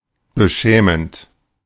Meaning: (verb) present participle of beschämen; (adjective) shameful
- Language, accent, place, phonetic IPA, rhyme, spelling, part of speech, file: German, Germany, Berlin, [bəˈʃɛːmənt], -ɛːmənt, beschämend, adjective / verb, De-beschämend.ogg